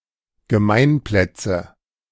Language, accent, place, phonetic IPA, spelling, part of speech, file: German, Germany, Berlin, [ɡəˈmaɪ̯nˌplɛt͡sə], Gemeinplätze, noun, De-Gemeinplätze.ogg
- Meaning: nominative/accusative/genitive plural of Gemeinplatz